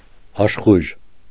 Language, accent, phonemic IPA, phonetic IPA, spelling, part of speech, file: Armenian, Eastern Armenian, /ɑʃˈχujʒ/, [ɑʃχújʒ], աշխույժ, adjective, Hy-աշխույժ.ogg
- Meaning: 1. lively, vigorous, energetic 2. joyful, cheerful, delighted